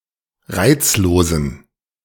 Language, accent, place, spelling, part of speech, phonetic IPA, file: German, Germany, Berlin, reizlosen, adjective, [ˈʁaɪ̯t͡sloːzn̩], De-reizlosen.ogg
- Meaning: inflection of reizlos: 1. strong genitive masculine/neuter singular 2. weak/mixed genitive/dative all-gender singular 3. strong/weak/mixed accusative masculine singular 4. strong dative plural